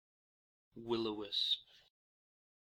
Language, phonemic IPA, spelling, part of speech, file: English, /wɪl ə ˈwɪsp/, will-o'-wisp, noun, En-ne-will-o'-wisp.ogg
- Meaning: Alternative form of will o' the wisp